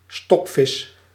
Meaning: stockfish
- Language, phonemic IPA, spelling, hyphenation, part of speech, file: Dutch, /ˈstɔk.vɪs/, stokvis, stok‧vis, noun, Nl-stokvis.ogg